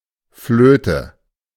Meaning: 1. flute 2. whistle 3. a hand or number of fitting cards in a card game
- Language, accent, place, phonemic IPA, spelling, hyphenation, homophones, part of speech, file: German, Germany, Berlin, /ˈfløːtə/, Flöte, Flö‧te, flöhte, noun, De-Flöte.ogg